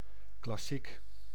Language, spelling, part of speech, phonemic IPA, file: Dutch, klassiek, adjective, /klɑˈsik/, Nl-klassiek.ogg
- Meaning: classical